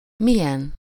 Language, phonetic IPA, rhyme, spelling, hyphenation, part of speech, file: Hungarian, [ˈmijɛn], -ɛn, milyen, mi‧lyen, pronoun, Hu-milyen.ogg
- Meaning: 1. what?, what kind of? 2. what … like? 3. to what extent?, how?, how much? 4. what (a) …!